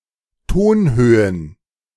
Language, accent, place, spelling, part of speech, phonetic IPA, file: German, Germany, Berlin, Tonhöhen, noun, [ˈtoːnˌhøːən], De-Tonhöhen.ogg
- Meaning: plural of Tonhöhe